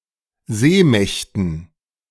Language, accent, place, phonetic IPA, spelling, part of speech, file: German, Germany, Berlin, [ˈzeːˌmɛçtn̩], Seemächten, noun, De-Seemächten.ogg
- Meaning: dative plural of Seemacht